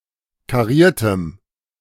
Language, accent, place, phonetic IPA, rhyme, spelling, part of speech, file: German, Germany, Berlin, [kaˈʁiːɐ̯təm], -iːɐ̯təm, kariertem, adjective, De-kariertem.ogg
- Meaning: strong dative masculine/neuter singular of kariert